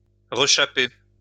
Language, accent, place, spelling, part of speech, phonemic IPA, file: French, France, Lyon, rechaper, verb, /ʁə.ʃa.pe/, LL-Q150 (fra)-rechaper.wav
- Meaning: to remould, retread (a tyre/tire)